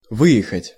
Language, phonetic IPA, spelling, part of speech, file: Russian, [ˈvɨ(j)ɪxətʲ], выехать, verb, Ru-выехать.ogg
- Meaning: to exit, to go out (by vehicle)